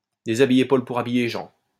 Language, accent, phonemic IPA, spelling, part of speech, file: French, France, /de.za.bi.je pol pu.ʁ‿a.bi.je ʒɑ̃/, déshabiller Paul pour habiller Jean, verb, LL-Q150 (fra)-déshabiller Paul pour habiller Jean.wav
- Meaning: synonym of déshabiller Pierre pour habiller Paul